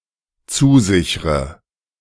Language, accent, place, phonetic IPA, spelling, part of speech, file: German, Germany, Berlin, [ˈt͡suːˌzɪçʁə], zusichre, verb, De-zusichre.ogg
- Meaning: inflection of zusichern: 1. first-person singular dependent present 2. first/third-person singular dependent subjunctive I